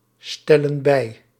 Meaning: inflection of bijstellen: 1. plural present indicative 2. plural present subjunctive
- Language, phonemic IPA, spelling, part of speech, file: Dutch, /ˈstɛlə(n) ˈbɛi/, stellen bij, verb, Nl-stellen bij.ogg